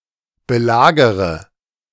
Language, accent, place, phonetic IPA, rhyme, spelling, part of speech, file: German, Germany, Berlin, [bəˈlaːɡəʁə], -aːɡəʁə, belagere, verb, De-belagere.ogg
- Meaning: inflection of belagern: 1. first-person singular present 2. first/third-person singular subjunctive I 3. singular imperative